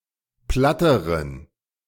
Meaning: inflection of platt: 1. strong genitive masculine/neuter singular comparative degree 2. weak/mixed genitive/dative all-gender singular comparative degree
- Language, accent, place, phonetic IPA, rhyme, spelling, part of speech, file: German, Germany, Berlin, [ˈplatəʁən], -atəʁən, platteren, adjective, De-platteren.ogg